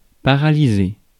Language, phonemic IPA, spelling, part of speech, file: French, /pa.ʁa.li.ze/, paralyser, verb, Fr-paralyser.ogg
- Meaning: to paralyse / paralyze